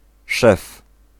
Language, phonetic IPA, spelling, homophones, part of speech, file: Polish, [ʃɛf], szew, szef, noun, Pl-szew.ogg